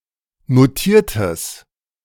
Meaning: strong/mixed nominative/accusative neuter singular of notiert
- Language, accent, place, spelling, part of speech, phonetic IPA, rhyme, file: German, Germany, Berlin, notiertes, adjective, [noˈtiːɐ̯təs], -iːɐ̯təs, De-notiertes.ogg